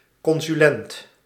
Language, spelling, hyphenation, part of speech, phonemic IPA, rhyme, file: Dutch, consulent, con‧su‧lent, noun, /kɔn.syˈlɛnt/, -ɛnt, Nl-consulent.ogg
- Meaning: 1. counsel, adviser, consultant; especially an educational adviser 2. a minister of a congregation who temporarily also serves another congregation with a vacancy